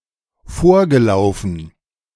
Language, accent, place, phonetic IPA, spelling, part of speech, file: German, Germany, Berlin, [ˈfoːɐ̯ɡəˌlaʊ̯fn̩], vorgelaufen, verb, De-vorgelaufen.ogg
- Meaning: past participle of vorlaufen